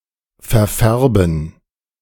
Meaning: 1. to discolour 2. to stain
- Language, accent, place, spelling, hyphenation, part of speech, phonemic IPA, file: German, Germany, Berlin, verfärben, ver‧fär‧ben, verb, /fɛʁˈfɛʁbən/, De-verfärben.ogg